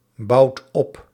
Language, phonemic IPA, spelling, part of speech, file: Dutch, /ˈbɑut ˈɔp/, bouwt op, verb, Nl-bouwt op.ogg
- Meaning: inflection of opbouwen: 1. second/third-person singular present indicative 2. plural imperative